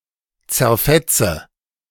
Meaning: inflection of zerfetzen: 1. first-person singular present 2. first/third-person singular subjunctive I 3. singular imperative
- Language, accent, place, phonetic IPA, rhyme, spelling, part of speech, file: German, Germany, Berlin, [t͡sɛɐ̯ˈfɛt͡sə], -ɛt͡sə, zerfetze, verb, De-zerfetze.ogg